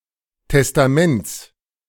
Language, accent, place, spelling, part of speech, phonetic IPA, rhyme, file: German, Germany, Berlin, Testaments, noun, [tɛstaˈmɛnt͡s], -ɛnt͡s, De-Testaments.ogg
- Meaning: genitive of Testament